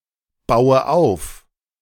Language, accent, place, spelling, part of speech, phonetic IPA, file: German, Germany, Berlin, baue auf, verb, [ˌbaʊ̯ə ˈaʊ̯f], De-baue auf.ogg
- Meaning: inflection of aufbauen: 1. first-person singular present 2. first/third-person singular subjunctive I 3. singular imperative